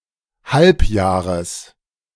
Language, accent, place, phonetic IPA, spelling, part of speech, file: German, Germany, Berlin, [ˈhalpˌjaːʁəs], Halbjahres, noun, De-Halbjahres.ogg
- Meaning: genitive singular of Halbjahr